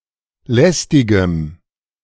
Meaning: strong dative masculine/neuter singular of lästig
- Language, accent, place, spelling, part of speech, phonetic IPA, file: German, Germany, Berlin, lästigem, adjective, [ˈlɛstɪɡəm], De-lästigem.ogg